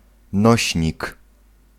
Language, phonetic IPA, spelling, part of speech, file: Polish, [ˈnɔɕɲik], nośnik, noun, Pl-nośnik.ogg